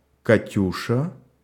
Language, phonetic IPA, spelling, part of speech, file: Russian, [kɐˈtʲuʂə], Катюша, proper noun, Ru-Катюша.ogg
- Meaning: 1. a diminutive, Katyusha, of the female given names Ка́тя (Kátja), Екатери́на (Jekaterína), and Катери́на (Katerína) 2. a Russian folk song composed in 1938